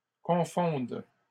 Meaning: third-person plural present indicative/subjunctive of confondre
- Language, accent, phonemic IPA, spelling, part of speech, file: French, Canada, /kɔ̃.fɔ̃d/, confondent, verb, LL-Q150 (fra)-confondent.wav